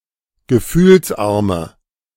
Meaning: inflection of gefühlsarm: 1. strong/mixed nominative/accusative feminine singular 2. strong nominative/accusative plural 3. weak nominative all-gender singular
- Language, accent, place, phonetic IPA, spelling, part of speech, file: German, Germany, Berlin, [ɡəˈfyːlsˌʔaʁmə], gefühlsarme, adjective, De-gefühlsarme.ogg